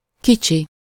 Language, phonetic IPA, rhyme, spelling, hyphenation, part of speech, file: Hungarian, [ˈkit͡ʃi], -t͡ʃi, kicsi, ki‧csi, adjective / noun, Hu-kicsi.ogg
- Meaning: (adjective) 1. little, small 2. in one's childhood (often used with kor); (noun) 1. baby, infant, little child 2. (my) darling, my dear (an affectionate, familiar term of address)